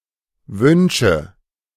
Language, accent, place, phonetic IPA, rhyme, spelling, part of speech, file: German, Germany, Berlin, [ˈvʏnʃə], -ʏnʃə, Wünsche, proper noun / noun, De-Wünsche.ogg
- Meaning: nominative/accusative/genitive plural of Wunsch